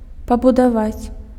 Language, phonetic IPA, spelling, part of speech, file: Belarusian, [pabudaˈvat͡sʲ], пабудаваць, verb, Be-пабудаваць.ogg
- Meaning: to build, to construct